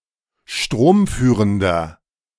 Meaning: inflection of stromführend: 1. strong/mixed nominative masculine singular 2. strong genitive/dative feminine singular 3. strong genitive plural
- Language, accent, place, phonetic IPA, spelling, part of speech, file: German, Germany, Berlin, [ˈʃtʁoːmˌfyːʁəndɐ], stromführender, adjective, De-stromführender.ogg